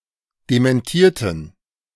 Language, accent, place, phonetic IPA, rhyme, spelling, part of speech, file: German, Germany, Berlin, [demɛnˈtiːɐ̯tn̩], -iːɐ̯tn̩, dementierten, adjective / verb, De-dementierten.ogg
- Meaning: inflection of dementieren: 1. first/third-person plural preterite 2. first/third-person plural subjunctive II